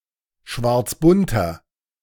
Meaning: inflection of schwarzbunt: 1. strong/mixed nominative masculine singular 2. strong genitive/dative feminine singular 3. strong genitive plural
- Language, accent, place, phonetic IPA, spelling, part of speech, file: German, Germany, Berlin, [ˈʃvaʁt͡sˌbʊntɐ], schwarzbunter, adjective, De-schwarzbunter.ogg